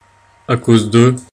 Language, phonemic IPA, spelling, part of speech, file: French, /a koz də/, à cause de, preposition, Fr-à cause de.ogg
- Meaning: because of